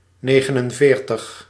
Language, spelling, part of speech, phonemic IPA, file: Dutch, negenenveertig, numeral, /ˈneːɣənənˌveːrtəx/, Nl-negenenveertig.ogg
- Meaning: forty-nine